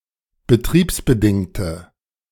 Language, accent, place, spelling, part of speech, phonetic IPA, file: German, Germany, Berlin, betriebsbedingte, adjective, [bəˈtʁiːpsbəˌdɪŋtə], De-betriebsbedingte.ogg
- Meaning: inflection of betriebsbedingt: 1. strong/mixed nominative/accusative feminine singular 2. strong nominative/accusative plural 3. weak nominative all-gender singular